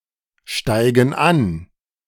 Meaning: inflection of ansteigen: 1. first/third-person plural present 2. first/third-person plural subjunctive I
- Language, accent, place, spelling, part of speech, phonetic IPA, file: German, Germany, Berlin, steigen an, verb, [ˌʃtaɪ̯ɡn̩ ˈan], De-steigen an.ogg